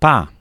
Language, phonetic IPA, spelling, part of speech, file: Polish, [pa], pa, interjection, Pl-pa.oga